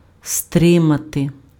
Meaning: 1. to restrain, to curb, to check, to hold in check, to keep in check, to hold back, to keep back 2. to contain, to hold in, to repress, to suppress, to keep down (:emotions, laughter, sigh etc.)
- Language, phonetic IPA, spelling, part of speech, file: Ukrainian, [ˈstrɪmɐte], стримати, verb, Uk-стримати.ogg